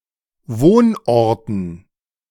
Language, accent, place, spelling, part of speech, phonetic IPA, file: German, Germany, Berlin, Wohnorten, noun, [ˈvoːnˌʔɔʁtn̩], De-Wohnorten.ogg
- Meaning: dative plural of Wohnort